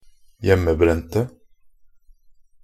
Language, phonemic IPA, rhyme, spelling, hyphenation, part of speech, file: Norwegian Bokmål, /ˈjɛmːəˌbrɛntə/, -ɛntə, hjemmebrente, hjem‧me‧bren‧te, adjective, Nb-hjemmebrente.ogg
- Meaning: 1. neuter singular of hjemmebrent 2. definite singular of hjemmebrent